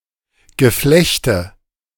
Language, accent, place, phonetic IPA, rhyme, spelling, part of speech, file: German, Germany, Berlin, [ɡəˈflɛçtə], -ɛçtə, Geflechte, noun, De-Geflechte.ogg
- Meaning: nominative/accusative/genitive plural of Geflecht